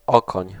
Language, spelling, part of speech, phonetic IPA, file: Polish, okoń, noun, [ˈɔkɔ̃ɲ], Pl-okoń.ogg